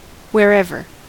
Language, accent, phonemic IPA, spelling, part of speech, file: English, US, /(h)wɛɹˈɛvɚ/, wherever, adverb / conjunction, En-us-wherever.ogg
- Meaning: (adverb) 1. Where ever; an emphatic form of where 2. In, at or to any place that one likes or chooses 3. The place (no matter where) in, at or to which